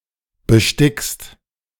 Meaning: second-person singular present of besticken
- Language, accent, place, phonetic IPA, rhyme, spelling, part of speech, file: German, Germany, Berlin, [bəˈʃtɪkst], -ɪkst, bestickst, verb, De-bestickst.ogg